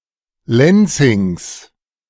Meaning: genitive of Lenzing
- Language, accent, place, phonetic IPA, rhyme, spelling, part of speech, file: German, Germany, Berlin, [ˈlɛnt͡sɪŋs], -ɛnt͡sɪŋs, Lenzings, noun, De-Lenzings.ogg